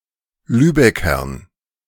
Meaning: dative plural of Lübecker
- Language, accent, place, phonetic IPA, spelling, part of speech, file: German, Germany, Berlin, [ˈlyːbɛkɐn], Lübeckern, noun, De-Lübeckern.ogg